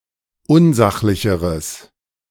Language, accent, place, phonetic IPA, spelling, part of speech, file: German, Germany, Berlin, [ˈʊnˌzaxlɪçəʁəs], unsachlicheres, adjective, De-unsachlicheres.ogg
- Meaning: strong/mixed nominative/accusative neuter singular comparative degree of unsachlich